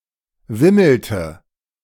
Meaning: inflection of wimmeln: 1. first/third-person singular preterite 2. first/third-person singular subjunctive II
- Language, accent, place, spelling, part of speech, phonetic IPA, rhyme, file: German, Germany, Berlin, wimmelte, verb, [ˈvɪml̩tə], -ɪml̩tə, De-wimmelte.ogg